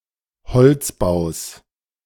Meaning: second-person plural subjunctive I of einbeziehen
- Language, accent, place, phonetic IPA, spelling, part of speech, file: German, Germany, Berlin, [bəˌt͡siːət ˈaɪ̯n], beziehet ein, verb, De-beziehet ein.ogg